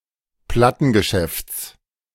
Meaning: genitive singular of Plattengeschäft
- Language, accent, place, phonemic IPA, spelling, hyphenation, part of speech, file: German, Germany, Berlin, /ˈplatənɡəˌʃɛfts/, Plattengeschäfts, Plat‧ten‧ge‧schäfts, noun, De-Plattengeschäfts.ogg